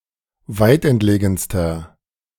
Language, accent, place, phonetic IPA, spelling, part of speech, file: German, Germany, Berlin, [ˈvaɪ̯tʔɛntˌleːɡn̩stɐ], weitentlegenster, adjective, De-weitentlegenster.ogg
- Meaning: inflection of weitentlegen: 1. strong/mixed nominative masculine singular superlative degree 2. strong genitive/dative feminine singular superlative degree 3. strong genitive plural superlative degree